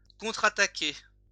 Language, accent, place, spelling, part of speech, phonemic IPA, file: French, France, Lyon, contre-attaquer, verb, /kɔ̃.tʁa.ta.ke/, LL-Q150 (fra)-contre-attaquer.wav
- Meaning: to counterattack